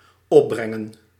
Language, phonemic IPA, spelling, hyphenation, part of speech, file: Dutch, /ˈɔpˌbrɛŋə(n)/, opbrengen, op‧bren‧gen, verb, Nl-opbrengen.ogg
- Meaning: 1. to yield, to produce 2. to afford the energy or capacity for